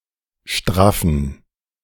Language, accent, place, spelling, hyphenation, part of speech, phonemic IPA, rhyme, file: German, Germany, Berlin, straffen, straf‧fen, verb / adjective, /ˈʃtʁafn̩/, -afn̩, De-straffen2.ogg
- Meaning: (verb) to tighten, tauten; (adjective) inflection of straff: 1. strong genitive masculine/neuter singular 2. weak/mixed genitive/dative all-gender singular